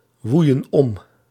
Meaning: inflection of omwaaien: 1. plural past indicative 2. plural past subjunctive
- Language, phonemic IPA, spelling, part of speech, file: Dutch, /ˈwujə(n) ˈɔm/, woeien om, verb, Nl-woeien om.ogg